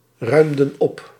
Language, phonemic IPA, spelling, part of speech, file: Dutch, /ˈrœymdə(n) ˈɔp/, ruimden op, verb, Nl-ruimden op.ogg
- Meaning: inflection of opruimen: 1. plural past indicative 2. plural past subjunctive